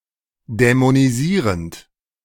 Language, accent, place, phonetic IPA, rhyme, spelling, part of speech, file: German, Germany, Berlin, [dɛmoniˈziːʁənt], -iːʁənt, dämonisierend, verb, De-dämonisierend.ogg
- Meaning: present participle of dämonisieren